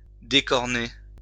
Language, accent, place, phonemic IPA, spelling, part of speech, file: French, France, Lyon, /de.kɔʁ.ne/, décorner, verb, LL-Q150 (fra)-décorner.wav
- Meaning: to remove the horns of; to dehorn